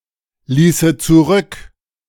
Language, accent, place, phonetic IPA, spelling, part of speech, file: German, Germany, Berlin, [ˌliːsə t͡suˈʁʏk], ließe zurück, verb, De-ließe zurück.ogg
- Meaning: first/third-person singular subjunctive II of zurücklassen